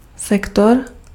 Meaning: 1. sector 2. sector (fixed-sized unit of sequential data stored on a track of a digital medium)
- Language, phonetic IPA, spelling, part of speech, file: Czech, [ˈsɛktor], sektor, noun, Cs-sektor.ogg